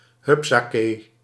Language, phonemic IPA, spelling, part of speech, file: Dutch, /ˈhʏpsake/, hupsakee, interjection, Nl-hupsakee.ogg
- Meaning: 1. hey presto, ta-da (when the result of one's work becomes apparent) 2. upsadaisy, up you go